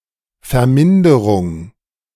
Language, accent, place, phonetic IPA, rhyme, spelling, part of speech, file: German, Germany, Berlin, [fɛɐ̯ˈmɪndəʁʊŋ], -ɪndəʁʊŋ, Verminderung, noun, De-Verminderung.ogg
- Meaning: 1. decrementation 2. reduction